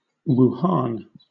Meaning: A subprovincial city, the provincial capital of Hubei, China
- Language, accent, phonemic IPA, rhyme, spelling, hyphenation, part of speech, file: English, Southern England, /ˈwuːˈhɑːn/, -ɑːn, Wuhan, Wu‧han, proper noun, LL-Q1860 (eng)-Wuhan.wav